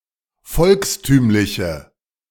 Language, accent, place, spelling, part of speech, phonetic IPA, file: German, Germany, Berlin, volkstümliche, adjective, [ˈfɔlksˌtyːmlɪçə], De-volkstümliche.ogg
- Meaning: inflection of volkstümlich: 1. strong/mixed nominative/accusative feminine singular 2. strong nominative/accusative plural 3. weak nominative all-gender singular